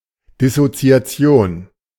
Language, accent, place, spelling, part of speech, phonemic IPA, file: German, Germany, Berlin, Dissoziation, noun, /dɪsot͡si̯aˈt͡si̯oːn/, De-Dissoziation.ogg
- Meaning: dissociation